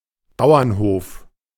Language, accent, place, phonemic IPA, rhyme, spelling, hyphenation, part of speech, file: German, Germany, Berlin, /ˈbaʊ̯ɐnˌhoːf/, -oːf, Bauernhof, Bau‧ern‧hof, noun, De-Bauernhof.ogg
- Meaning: A farm